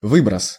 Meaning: emission, discharge, release, ejection
- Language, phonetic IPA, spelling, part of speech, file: Russian, [ˈvɨbrəs], выброс, noun, Ru-выброс.ogg